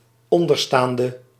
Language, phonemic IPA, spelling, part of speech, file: Dutch, /ˈɔndərstaːndə/, onderstaande, adjective, Nl-onderstaande.ogg
- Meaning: inflection of onderstaand: 1. masculine/feminine singular attributive 2. definite neuter singular attributive 3. plural attributive